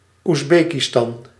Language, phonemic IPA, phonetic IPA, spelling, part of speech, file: Dutch, /uzˈbeːkiˌstɑn/, [usˈbeːkiˌstɑn], Oezbekistan, proper noun, Nl-Oezbekistan.ogg
- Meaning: Uzbekistan (a country in Central Asia)